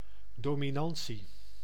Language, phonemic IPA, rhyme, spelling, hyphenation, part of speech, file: Dutch, /ˌdoː.miˈnɑn.si/, -ɑnsi, dominantie, do‧mi‧nan‧tie, noun, Nl-dominantie.ogg
- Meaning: 1. dominance (state of being dominant) 2. dominance